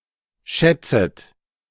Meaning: second-person plural subjunctive I of schätzen
- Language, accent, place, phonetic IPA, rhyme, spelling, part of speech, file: German, Germany, Berlin, [ˈʃɛt͡sət], -ɛt͡sət, schätzet, verb, De-schätzet.ogg